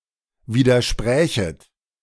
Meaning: second-person plural subjunctive II of widersprechen
- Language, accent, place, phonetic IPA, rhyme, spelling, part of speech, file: German, Germany, Berlin, [ˌviːdɐˈʃpʁɛːçət], -ɛːçət, widersprächet, verb, De-widersprächet.ogg